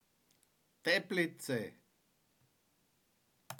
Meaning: a spa town and city in the Czech Republic located on the Bílina river in northwestern Bohemia near the border with the German state of Saxony
- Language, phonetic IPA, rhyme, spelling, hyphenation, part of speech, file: Czech, [ˈtɛplɪt͡sɛ], -ɪtsɛ, Teplice, Te‧pli‧ce, proper noun, Cs-Teplice.ogg